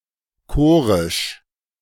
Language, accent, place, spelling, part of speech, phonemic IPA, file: German, Germany, Berlin, chorisch, adjective, /ˈkoːʁɪʃ/, De-chorisch.ogg
- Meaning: choral